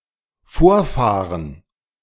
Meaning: 1. to drive up 2. to drive ahead
- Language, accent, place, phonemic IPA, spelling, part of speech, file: German, Germany, Berlin, /ˈfoːɐ̯ˌfaːʁən/, vorfahren, verb, De-vorfahren.ogg